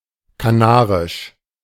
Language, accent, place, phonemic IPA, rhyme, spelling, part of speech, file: German, Germany, Berlin, /kaˈnaːʁɪʃ/, -aːʁɪʃ, kanarisch, adjective, De-kanarisch.ogg
- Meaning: of the Canary Islands; Canarian